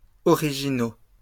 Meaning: masculine plural of original
- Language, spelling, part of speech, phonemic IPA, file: French, originaux, adjective, /ɔ.ʁi.ʒi.no/, LL-Q150 (fra)-originaux.wav